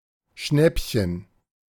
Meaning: bargain; a cheap thing yet in good quality; something luckily seized/caught (see schnappen)
- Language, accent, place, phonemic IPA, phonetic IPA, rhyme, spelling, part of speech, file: German, Germany, Berlin, /ˈʃnɛpçən/, [ˈʃnɛpçn̩], -ɛpçən, Schnäppchen, noun, De-Schnäppchen.ogg